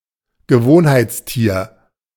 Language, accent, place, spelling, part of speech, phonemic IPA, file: German, Germany, Berlin, Gewohnheitstier, noun, /ɡəˈvoːnhaɪ̯t͡sˌtiːɐ̯/, De-Gewohnheitstier.ogg
- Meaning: creature of habit